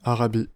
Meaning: Arabia (a peninsula of West Asia between the Red Sea and the Persian Gulf; includes Jordan, Saudi Arabia, Yemen, Oman, Qatar, Bahrain, Kuwait, and the United Arab Emirates)
- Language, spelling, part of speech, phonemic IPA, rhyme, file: French, Arabie, proper noun, /a.ʁa.bi/, -i, Fr-Arabie.ogg